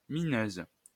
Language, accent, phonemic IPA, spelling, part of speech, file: French, France, /mi.nøz/, mineuse, noun, LL-Q150 (fra)-mineuse.wav
- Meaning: female equivalent of mineur